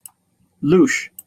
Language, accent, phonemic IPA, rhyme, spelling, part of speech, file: English, Received Pronunciation, /luːʃ/, -uːʃ, louche, adjective / noun / verb, En-uk-louche.opus
- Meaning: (adjective) 1. Of questionable taste or morality; decadent 2. Not reputable or decent 3. Unconventional and slightly disreputable in an attractive manner; raffish, rakish